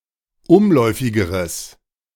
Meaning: strong/mixed nominative/accusative neuter singular comparative degree of umläufig
- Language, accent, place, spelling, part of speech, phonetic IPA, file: German, Germany, Berlin, umläufigeres, adjective, [ˈʊmˌlɔɪ̯fɪɡəʁəs], De-umläufigeres.ogg